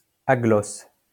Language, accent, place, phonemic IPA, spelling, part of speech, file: French, France, Lyon, /a.ɡlɔs/, aglosse, adjective, LL-Q150 (fra)-aglosse.wav
- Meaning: aglossal